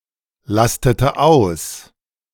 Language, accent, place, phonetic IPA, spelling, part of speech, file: German, Germany, Berlin, [ˌlastətə ˈaʊ̯s], lastete aus, verb, De-lastete aus.ogg
- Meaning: inflection of auslasten: 1. first/third-person singular preterite 2. first/third-person singular subjunctive II